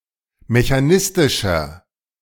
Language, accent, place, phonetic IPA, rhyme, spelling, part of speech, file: German, Germany, Berlin, [meçaˈnɪstɪʃɐ], -ɪstɪʃɐ, mechanistischer, adjective, De-mechanistischer.ogg
- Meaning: inflection of mechanistisch: 1. strong/mixed nominative masculine singular 2. strong genitive/dative feminine singular 3. strong genitive plural